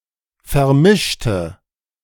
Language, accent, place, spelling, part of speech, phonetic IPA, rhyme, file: German, Germany, Berlin, vermischte, adjective / verb, [fɛɐ̯ˈmɪʃtə], -ɪʃtə, De-vermischte.ogg
- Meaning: inflection of vermischt: 1. strong/mixed nominative/accusative feminine singular 2. strong nominative/accusative plural 3. weak nominative all-gender singular